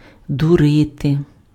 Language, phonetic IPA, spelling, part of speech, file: Ukrainian, [dʊˈrɪte], дурити, verb, Uk-дурити.ogg
- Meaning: to deceive, to fool, to dupe, to hoodwink, to bamboozle, to take in